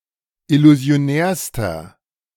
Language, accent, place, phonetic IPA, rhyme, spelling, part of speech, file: German, Germany, Berlin, [ɪluzi̯oˈnɛːɐ̯stɐ], -ɛːɐ̯stɐ, illusionärster, adjective, De-illusionärster.ogg
- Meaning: inflection of illusionär: 1. strong/mixed nominative masculine singular superlative degree 2. strong genitive/dative feminine singular superlative degree 3. strong genitive plural superlative degree